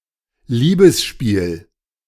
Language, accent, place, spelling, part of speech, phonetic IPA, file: German, Germany, Berlin, Liebesspiel, noun, [ˈliːbəsˌʃpiːl], De-Liebesspiel.ogg
- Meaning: 1. lovemaking 2. mating ritual